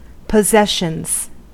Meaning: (noun) plural of possession; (verb) third-person singular simple present indicative of possession
- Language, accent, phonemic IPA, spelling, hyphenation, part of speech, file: English, US, /pəˈzɛʃənz/, possessions, pos‧ses‧sions, noun / verb, En-us-possessions.ogg